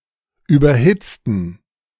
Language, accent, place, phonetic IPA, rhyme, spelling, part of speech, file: German, Germany, Berlin, [ˌyːbɐˈhɪt͡stn̩], -ɪt͡stn̩, überhitzten, adjective / verb, De-überhitzten.ogg
- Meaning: inflection of überhitzt: 1. strong genitive masculine/neuter singular 2. weak/mixed genitive/dative all-gender singular 3. strong/weak/mixed accusative masculine singular 4. strong dative plural